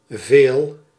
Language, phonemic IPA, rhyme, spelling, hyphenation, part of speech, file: Dutch, /veːl/, -eːl, veel, veel, determiner / pronoun / adverb / verb / noun, Nl-veel.ogg
- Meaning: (determiner) many, much, a lot of; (pronoun) much, a lot; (adverb) 1. much 2. often, frequently; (verb) inflection of velen: first-person singular present indicative